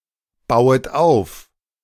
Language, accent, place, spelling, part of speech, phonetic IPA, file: German, Germany, Berlin, bauet auf, verb, [ˌbaʊ̯ət ˈaʊ̯f], De-bauet auf.ogg
- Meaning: second-person plural subjunctive I of aufbauen